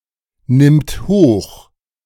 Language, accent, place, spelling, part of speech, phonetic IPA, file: German, Germany, Berlin, nimmt hoch, verb, [ˌnɪmt ˈhoːx], De-nimmt hoch.ogg
- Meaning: third-person singular present of hochnehmen